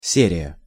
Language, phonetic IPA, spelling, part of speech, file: Russian, [ˈsʲerʲɪjə], серия, noun, Ru-серия.ogg
- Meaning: 1. series (a number of related things coming in sequence) 2. episode